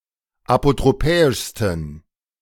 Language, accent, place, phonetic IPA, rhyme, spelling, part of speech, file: German, Germany, Berlin, [apotʁoˈpɛːɪʃstn̩], -ɛːɪʃstn̩, apotropäischsten, adjective, De-apotropäischsten.ogg
- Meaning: 1. superlative degree of apotropäisch 2. inflection of apotropäisch: strong genitive masculine/neuter singular superlative degree